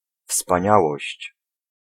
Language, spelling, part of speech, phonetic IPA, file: Polish, wspaniałość, noun, [fspãˈɲawɔɕt͡ɕ], Pl-wspaniałość.ogg